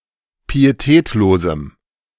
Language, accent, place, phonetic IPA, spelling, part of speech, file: German, Germany, Berlin, [piːeˈtɛːtloːzm̩], pietätlosem, adjective, De-pietätlosem.ogg
- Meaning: strong dative masculine/neuter singular of pietätlos